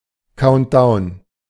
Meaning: A countdown, count(ing) backward to the (starting) time of some event
- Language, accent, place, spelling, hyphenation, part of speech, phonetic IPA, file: German, Germany, Berlin, Countdown, Count‧down, noun, [ˈkaʊ̯ntˌdaʊ̯n], De-Countdown.ogg